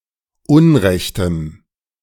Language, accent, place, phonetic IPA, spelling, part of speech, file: German, Germany, Berlin, [ˈʊnˌʁɛçtəm], unrechtem, adjective, De-unrechtem.ogg
- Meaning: strong dative masculine/neuter singular of unrecht